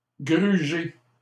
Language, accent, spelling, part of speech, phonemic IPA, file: French, Canada, gruger, verb, /ɡʁy.ʒe/, LL-Q150 (fra)-gruger.wav
- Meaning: 1. to dupe, con; to rob 2. to devour, scoff